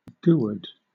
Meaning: The currency of Haiti, divided into 100 centimes
- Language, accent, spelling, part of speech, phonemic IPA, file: English, Southern England, gourde, noun, /ɡʊəd/, LL-Q1860 (eng)-gourde.wav